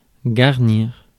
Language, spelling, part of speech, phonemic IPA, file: French, garnir, verb, /ɡaʁ.niʁ/, Fr-garnir.ogg
- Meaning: 1. to furnish (a building, a room) 2. to arm 3. to decorate, to pretty, to garnish